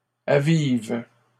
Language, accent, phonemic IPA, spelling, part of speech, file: French, Canada, /a.viv/, avive, verb, LL-Q150 (fra)-avive.wav
- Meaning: inflection of aviver: 1. first/third-person singular present indicative/subjunctive 2. second-person singular imperative